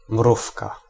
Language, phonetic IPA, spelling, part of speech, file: Polish, [ˈmrufka], mrówka, noun, Pl-mrówka.ogg